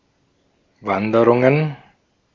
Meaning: plural of Wanderung
- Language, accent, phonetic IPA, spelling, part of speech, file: German, Austria, [ˈvandəʁʊŋən], Wanderungen, noun, De-at-Wanderungen.ogg